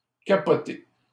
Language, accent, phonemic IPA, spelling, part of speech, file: French, Canada, /ka.pɔ.te/, capoté, verb, LL-Q150 (fra)-capoté.wav
- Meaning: past participle of capoter